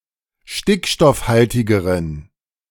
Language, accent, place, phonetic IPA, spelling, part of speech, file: German, Germany, Berlin, [ˈʃtɪkʃtɔfˌhaltɪɡəʁən], stickstoffhaltigeren, adjective, De-stickstoffhaltigeren.ogg
- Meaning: inflection of stickstoffhaltig: 1. strong genitive masculine/neuter singular comparative degree 2. weak/mixed genitive/dative all-gender singular comparative degree